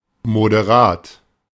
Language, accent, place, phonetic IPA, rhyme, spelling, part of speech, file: German, Germany, Berlin, [modeˈʁaːt], -aːt, moderat, adjective, De-moderat.ogg
- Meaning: moderate